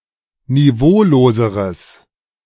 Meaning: strong/mixed nominative/accusative neuter singular comparative degree of niveaulos
- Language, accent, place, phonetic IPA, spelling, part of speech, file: German, Germany, Berlin, [niˈvoːloːzəʁəs], niveauloseres, adjective, De-niveauloseres.ogg